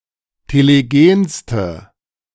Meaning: inflection of telegen: 1. strong/mixed nominative/accusative feminine singular superlative degree 2. strong nominative/accusative plural superlative degree
- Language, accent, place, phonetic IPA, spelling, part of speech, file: German, Germany, Berlin, [teleˈɡeːnstə], telegenste, adjective, De-telegenste.ogg